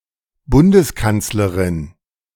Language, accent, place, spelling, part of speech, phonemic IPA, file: German, Germany, Berlin, Bundeskanzlerin, noun, /ˈbʊndəsˌkant͡sləʁɪn/, De-Bundeskanzlerin.ogg
- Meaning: federal chancellor (female head of the German or Austrian federal government)